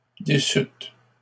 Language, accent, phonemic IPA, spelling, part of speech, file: French, Canada, /de.syt/, déçûtes, verb, LL-Q150 (fra)-déçûtes.wav
- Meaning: second-person plural past historic of décevoir